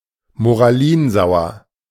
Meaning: moralizing, moralistic
- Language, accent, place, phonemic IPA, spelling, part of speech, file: German, Germany, Berlin, /moʁaˈliːnˌzaʊ̯ɐ/, moralinsauer, adjective, De-moralinsauer.ogg